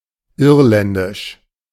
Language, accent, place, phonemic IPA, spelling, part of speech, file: German, Germany, Berlin, /ˈɪʁlɛndɪʃ/, irländisch, adjective, De-irländisch.ogg
- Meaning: Irish